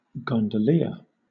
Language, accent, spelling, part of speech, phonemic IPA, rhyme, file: English, Southern England, gondolier, noun, /ˌɡɒndəˈlɪə(ɹ)/, -ɪə(ɹ), LL-Q1860 (eng)-gondolier.wav
- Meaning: A boatperson who propels a gondola, especially in Venice